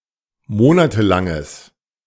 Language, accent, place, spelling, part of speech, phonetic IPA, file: German, Germany, Berlin, monatelanges, adjective, [ˈmoːnatəˌlaŋəs], De-monatelanges.ogg
- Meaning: strong/mixed nominative/accusative neuter singular of monatelang